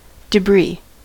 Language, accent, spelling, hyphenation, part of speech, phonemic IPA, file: English, US, debris, de‧bris, noun, /dəˈbɹiː/, En-us-debris.ogg
- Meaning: 1. Rubble, wreckage, scattered remains of something destroyed 2. Litter and discarded refuse 3. Large rock fragments left by a melting glacier etc